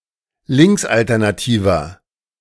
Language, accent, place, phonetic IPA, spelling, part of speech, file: German, Germany, Berlin, [ˈlɪŋksʔaltɛʁnaˌtiːvɐ], linksalternativer, adjective, De-linksalternativer.ogg
- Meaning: 1. comparative degree of linksalternativ 2. inflection of linksalternativ: strong/mixed nominative masculine singular 3. inflection of linksalternativ: strong genitive/dative feminine singular